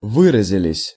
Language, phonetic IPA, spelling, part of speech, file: Russian, [ˈvɨrəzʲɪlʲɪsʲ], выразились, verb, Ru-выразились.ogg
- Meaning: plural past indicative perfective of вы́разиться (výrazitʹsja)